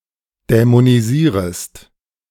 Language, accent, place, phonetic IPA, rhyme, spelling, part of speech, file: German, Germany, Berlin, [dɛmoniˈziːʁəst], -iːʁəst, dämonisierest, verb, De-dämonisierest.ogg
- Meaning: second-person singular subjunctive I of dämonisieren